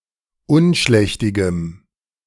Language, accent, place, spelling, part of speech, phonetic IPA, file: German, Germany, Berlin, unschlächtigem, adjective, [ˈʊnˌʃlɛçtɪɡəm], De-unschlächtigem.ogg
- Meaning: strong dative masculine/neuter singular of unschlächtig